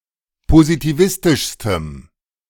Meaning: strong dative masculine/neuter singular superlative degree of positivistisch
- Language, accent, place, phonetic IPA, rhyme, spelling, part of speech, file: German, Germany, Berlin, [pozitiˈvɪstɪʃstəm], -ɪstɪʃstəm, positivistischstem, adjective, De-positivistischstem.ogg